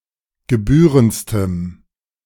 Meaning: strong dative masculine/neuter singular superlative degree of gebührend
- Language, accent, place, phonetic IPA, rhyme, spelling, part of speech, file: German, Germany, Berlin, [ɡəˈbyːʁənt͡stəm], -yːʁənt͡stəm, gebührendstem, adjective, De-gebührendstem.ogg